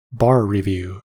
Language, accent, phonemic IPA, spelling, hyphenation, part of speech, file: English, US, /ˈbɑɹ ɹɪˌvju/, bar review, bar re‧view, noun, En-us-bar review.ogg
- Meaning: A course of study designed to prepare someone to take a bar examination